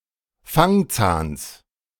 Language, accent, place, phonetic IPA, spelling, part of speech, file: German, Germany, Berlin, [ˈfaŋˌt͡saːns], Fangzahns, noun, De-Fangzahns.ogg
- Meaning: genitive singular of Fangzahn